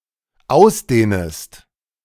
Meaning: second-person singular dependent subjunctive I of ausdehnen
- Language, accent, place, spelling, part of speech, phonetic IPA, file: German, Germany, Berlin, ausdehnest, verb, [ˈaʊ̯sˌdeːnəst], De-ausdehnest.ogg